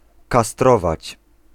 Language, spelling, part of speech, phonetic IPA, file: Polish, kastrować, verb, [kaˈstrɔvat͡ɕ], Pl-kastrować.ogg